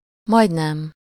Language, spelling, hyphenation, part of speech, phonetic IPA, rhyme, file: Hungarian, majdnem, majd‧nem, adverb, [ˈmɒjdnɛm], -ɛm, Hu-majdnem.ogg
- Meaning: almost, nearly